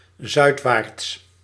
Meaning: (adverb) southwards; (adjective) southward, southerly
- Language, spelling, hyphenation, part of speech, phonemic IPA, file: Dutch, zuidwaarts, zuid‧waarts, adverb / adjective, /ˈzœy̯t.ʋaːrts/, Nl-zuidwaarts.ogg